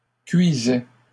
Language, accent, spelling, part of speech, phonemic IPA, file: French, Canada, cuisait, verb, /kɥi.zɛ/, LL-Q150 (fra)-cuisait.wav
- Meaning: third-person singular imperfect indicative of cuire